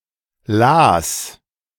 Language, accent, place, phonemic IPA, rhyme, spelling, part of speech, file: German, Germany, Berlin, /laːs/, -aːs, las, verb, De-las.ogg
- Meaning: first/third-person singular preterite of lesen